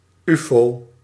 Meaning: UFO (all meanings)
- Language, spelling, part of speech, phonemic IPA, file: Dutch, ufo, noun, /ˈyfoː/, Nl-ufo.ogg